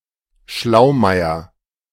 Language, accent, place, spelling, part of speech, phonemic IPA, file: German, Germany, Berlin, Schlaumeier, noun, /ˈʃlaʊ̯ˌmaɪ̯ɐ/, De-Schlaumeier.ogg
- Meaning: 1. smart aleck 2. sly fox, cunning person